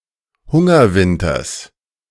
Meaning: genitive singular of Hungerwinter
- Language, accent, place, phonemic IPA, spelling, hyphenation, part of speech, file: German, Germany, Berlin, /ˈhʊŋɐˌvɪntɐs/, Hungerwinters, Hun‧ger‧win‧ters, noun, De-Hungerwinters.ogg